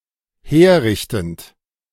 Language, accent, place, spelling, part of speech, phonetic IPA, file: German, Germany, Berlin, herrichtend, verb, [ˈheːɐ̯ˌʁɪçtn̩t], De-herrichtend.ogg
- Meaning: present participle of herrichten